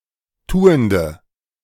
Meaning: inflection of tuend: 1. strong/mixed nominative/accusative feminine singular 2. strong nominative/accusative plural 3. weak nominative all-gender singular 4. weak accusative feminine/neuter singular
- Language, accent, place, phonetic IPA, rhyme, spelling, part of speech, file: German, Germany, Berlin, [ˈtuːəndə], -uːəndə, tuende, adjective, De-tuende.ogg